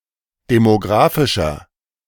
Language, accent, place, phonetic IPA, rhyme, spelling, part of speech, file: German, Germany, Berlin, [demoˈɡʁaːfɪʃɐ], -aːfɪʃɐ, demographischer, adjective, De-demographischer.ogg
- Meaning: inflection of demographisch: 1. strong/mixed nominative masculine singular 2. strong genitive/dative feminine singular 3. strong genitive plural